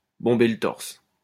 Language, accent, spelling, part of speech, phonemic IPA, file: French, France, bomber le torse, verb, /bɔ̃.be l(ə) tɔʁs/, LL-Q150 (fra)-bomber le torse.wav
- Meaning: to swagger, to strut, to puff up (to throw out one's chest in pride)